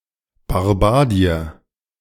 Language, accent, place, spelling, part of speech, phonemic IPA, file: German, Germany, Berlin, Barbadier, noun, /baʁˈbaːdiɐ/, De-Barbadier.ogg
- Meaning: Barbadian (male or gender-unspecified person from the Antillean country of Barbados)